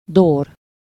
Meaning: Doric
- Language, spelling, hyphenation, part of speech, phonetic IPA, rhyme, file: Hungarian, dór, dór, adjective, [ˈdoːr], -oːr, Hu-dór.ogg